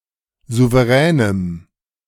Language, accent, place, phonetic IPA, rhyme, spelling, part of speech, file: German, Germany, Berlin, [ˌzuvəˈʁɛːnəm], -ɛːnəm, souveränem, adjective, De-souveränem.ogg
- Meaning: strong dative masculine/neuter singular of souverän